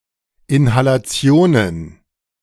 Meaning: plural of Inhalation
- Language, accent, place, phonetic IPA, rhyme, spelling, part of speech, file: German, Germany, Berlin, [ɪnhalaˈt͡si̯oːnən], -oːnən, Inhalationen, noun, De-Inhalationen.ogg